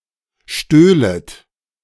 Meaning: second-person plural subjunctive II of stehlen
- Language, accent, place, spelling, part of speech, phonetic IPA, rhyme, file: German, Germany, Berlin, stöhlet, verb, [ˈʃtøːlət], -øːlət, De-stöhlet.ogg